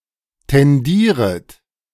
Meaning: second-person plural subjunctive I of tendieren
- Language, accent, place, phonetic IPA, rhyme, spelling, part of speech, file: German, Germany, Berlin, [tɛnˈdiːʁət], -iːʁət, tendieret, verb, De-tendieret.ogg